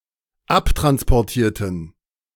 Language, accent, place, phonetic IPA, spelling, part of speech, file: German, Germany, Berlin, [ˈaptʁanspɔʁˌtiːɐ̯tn̩], abtransportierten, adjective / verb, De-abtransportierten.ogg
- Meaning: inflection of abtransportieren: 1. first/third-person plural dependent preterite 2. first/third-person plural dependent subjunctive II